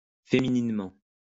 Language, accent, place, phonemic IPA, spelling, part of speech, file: French, France, Lyon, /fe.mi.nin.mɑ̃/, fémininement, adverb, LL-Q150 (fra)-fémininement.wav
- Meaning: femininely